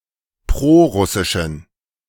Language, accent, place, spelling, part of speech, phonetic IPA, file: German, Germany, Berlin, prorussischen, adjective, [ˈpʁoːˌʁʊsɪʃn̩], De-prorussischen.ogg
- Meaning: inflection of prorussisch: 1. strong genitive masculine/neuter singular 2. weak/mixed genitive/dative all-gender singular 3. strong/weak/mixed accusative masculine singular 4. strong dative plural